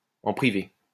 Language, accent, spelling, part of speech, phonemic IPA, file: French, France, en privé, adverb, /ɑ̃ pʁi.ve/, LL-Q150 (fra)-en privé.wav
- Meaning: in private